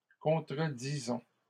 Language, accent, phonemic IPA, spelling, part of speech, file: French, Canada, /kɔ̃.tʁə.di.zɔ̃/, contredisons, verb, LL-Q150 (fra)-contredisons.wav
- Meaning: inflection of contredire: 1. first-person plural present indicative 2. first-person plural imperative